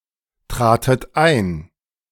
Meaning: second-person plural preterite of eintreten
- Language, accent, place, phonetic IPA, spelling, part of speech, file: German, Germany, Berlin, [ˌtʁaːtət ˈaɪ̯n], tratet ein, verb, De-tratet ein.ogg